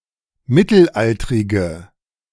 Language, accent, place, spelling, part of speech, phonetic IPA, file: German, Germany, Berlin, mittelaltrige, adjective, [ˈmɪtl̩ˌʔaltʁɪɡə], De-mittelaltrige.ogg
- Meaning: inflection of mittelaltrig: 1. strong/mixed nominative/accusative feminine singular 2. strong nominative/accusative plural 3. weak nominative all-gender singular